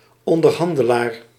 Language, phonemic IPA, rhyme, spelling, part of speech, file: Dutch, /ɔn.dərˈɦɑn.də.laːr/, -ɑndəlaːr, onderhandelaar, noun, Nl-onderhandelaar.ogg
- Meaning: negotiator